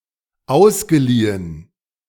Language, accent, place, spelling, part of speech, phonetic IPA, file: German, Germany, Berlin, ausgeliehen, verb, [ˈaʊ̯sɡəˌliːən], De-ausgeliehen.ogg
- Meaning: past participle of ausleihen